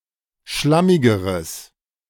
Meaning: strong/mixed nominative/accusative neuter singular comparative degree of schlammig
- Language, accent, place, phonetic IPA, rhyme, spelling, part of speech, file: German, Germany, Berlin, [ˈʃlamɪɡəʁəs], -amɪɡəʁəs, schlammigeres, adjective, De-schlammigeres.ogg